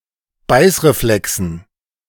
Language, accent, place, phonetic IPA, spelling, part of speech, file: German, Germany, Berlin, [ˈbaɪ̯sʁeˌflɛksn̩], Beißreflexen, noun, De-Beißreflexen.ogg
- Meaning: dative plural of Beißreflex